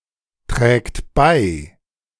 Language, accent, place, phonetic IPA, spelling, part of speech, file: German, Germany, Berlin, [ˌtʁɛːkt ˈbaɪ̯], trägt bei, verb, De-trägt bei.ogg
- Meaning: third-person singular present of beitragen